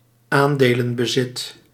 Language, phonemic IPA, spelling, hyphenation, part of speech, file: Dutch, /ˈaːn.deː.lə(n).bəˌzɪt/, aandelenbezit, aan‧de‧len‧be‧zit, noun, Nl-aandelenbezit.ogg
- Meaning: shareholding, the possession of shares